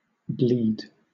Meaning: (verb) 1. To shed blood through an injured blood vessel 2. To menstruate 3. To let or draw blood from 4. To take large amounts of money from 5. To steadily lose (something vital)
- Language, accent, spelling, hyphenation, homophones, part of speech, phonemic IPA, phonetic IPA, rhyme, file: English, Southern England, bleed, bleed, blead, verb / noun, /ˈbliːd/, [ˈblɪi̯d], -iːd, LL-Q1860 (eng)-bleed.wav